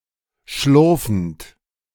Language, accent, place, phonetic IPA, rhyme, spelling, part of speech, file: German, Germany, Berlin, [ˈʃlʊʁfn̩t], -ʊʁfn̩t, schlurfend, verb, De-schlurfend.ogg
- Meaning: present participle of schlurfen